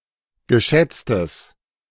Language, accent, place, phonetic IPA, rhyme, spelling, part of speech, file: German, Germany, Berlin, [ɡəˈʃɛt͡stəs], -ɛt͡stəs, geschätztes, adjective, De-geschätztes.ogg
- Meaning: strong/mixed nominative/accusative neuter singular of geschätzt